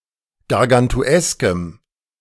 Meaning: strong dative masculine/neuter singular of gargantuesk
- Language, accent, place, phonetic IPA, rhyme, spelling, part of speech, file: German, Germany, Berlin, [ɡaʁɡantuˈɛskəm], -ɛskəm, gargantueskem, adjective, De-gargantueskem.ogg